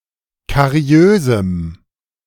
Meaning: strong dative masculine/neuter singular of kariös
- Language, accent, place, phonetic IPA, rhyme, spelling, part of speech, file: German, Germany, Berlin, [kaˈʁi̯øːzm̩], -øːzm̩, kariösem, adjective, De-kariösem.ogg